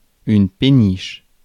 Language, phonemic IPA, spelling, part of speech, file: French, /pe.niʃ/, péniche, noun, Fr-péniche.ogg
- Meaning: 1. barge; pinnace 2. peniche